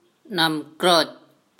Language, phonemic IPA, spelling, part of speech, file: Mon, /ta.nɔːmkrɜk/, တၞံကြုက်, proper noun / noun, Mnw-တၞံကြုက်2.wav
- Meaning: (proper noun) Nam Krerk (a village in Nong Lu Subdistrict, Thailand); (noun) mango tree